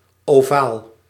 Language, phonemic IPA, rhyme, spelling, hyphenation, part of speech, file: Dutch, /oːˈvaːl/, -aːl, ovaal, ovaal, adjective / noun, Nl-ovaal.ogg
- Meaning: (adjective) oval (having the shape of an oval); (noun) oval, shape like an egg or ellipse